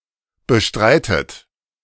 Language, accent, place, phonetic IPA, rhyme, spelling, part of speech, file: German, Germany, Berlin, [bəˈʃtʁaɪ̯tət], -aɪ̯tət, bestreitet, verb, De-bestreitet.ogg
- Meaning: inflection of bestreiten: 1. third-person singular present 2. second-person plural present 3. second-person plural subjunctive I 4. plural imperative